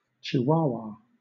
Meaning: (proper noun) 1. A city, the state capital of Chihuahua, Mexico 2. A municipality of Chihuahua, Mexico 3. A state of Mexico
- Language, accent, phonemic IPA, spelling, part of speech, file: English, Southern England, /t͡ʃɪˈwaʊ(w).ə/, Chihuahua, proper noun / noun, LL-Q1860 (eng)-Chihuahua.wav